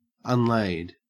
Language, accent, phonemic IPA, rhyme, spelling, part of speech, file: English, Australia, /ʌnˈleɪd/, -eɪd, unlaid, adjective / verb, En-au-unlaid.ogg
- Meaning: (adjective) 1. not laid 2. not laid: Not laid by exorcism 3. not laid: not having had sexual intercourse 4. not laid: Not laid out, as a corpse 5. not laid: Not marked with parallel lines